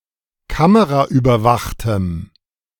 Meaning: strong dative masculine/neuter singular of kameraüberwacht
- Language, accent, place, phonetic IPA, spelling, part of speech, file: German, Germany, Berlin, [ˈkaməʁaʔyːbɐˌvaxtəm], kameraüberwachtem, adjective, De-kameraüberwachtem.ogg